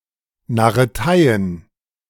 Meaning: plural of Narretei
- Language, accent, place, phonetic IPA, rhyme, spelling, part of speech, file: German, Germany, Berlin, [naʁəˈtaɪ̯ən], -aɪ̯ən, Narreteien, noun, De-Narreteien.ogg